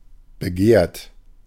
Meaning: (verb) past participle of begehren; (adjective) coveted, desirable, popular, sought-after
- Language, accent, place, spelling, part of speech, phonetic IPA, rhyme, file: German, Germany, Berlin, begehrt, adjective / verb, [bəˈɡeːɐ̯t], -eːɐ̯t, De-begehrt.ogg